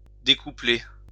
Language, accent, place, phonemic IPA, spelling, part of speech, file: French, France, Lyon, /de.ku.ple/, découpler, verb, LL-Q150 (fra)-découpler.wav
- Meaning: 1. to uncouple, decouple 2. to set apart